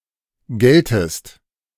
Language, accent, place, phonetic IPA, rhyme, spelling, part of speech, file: German, Germany, Berlin, [ˈɡɛltəst], -ɛltəst, geltest, verb, De-geltest.ogg
- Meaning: second-person singular subjunctive I of gelten